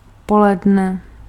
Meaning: midday, noon
- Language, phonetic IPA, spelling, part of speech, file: Czech, [ˈpolɛdnɛ], poledne, noun, Cs-poledne.ogg